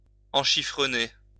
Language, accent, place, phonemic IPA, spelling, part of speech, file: French, France, Lyon, /ɑ̃.ʃi.fʁə.ne/, enchifrener, verb, LL-Q150 (fra)-enchifrener.wav
- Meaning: to block up (a nose)